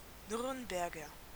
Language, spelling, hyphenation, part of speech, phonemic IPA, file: German, Nürnberger, Nürn‧ber‧ger, noun, /ˈnʏʁnbɛʁɡɐ/, De-Nürnberger.ogg
- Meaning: Native or resident of Nuremberg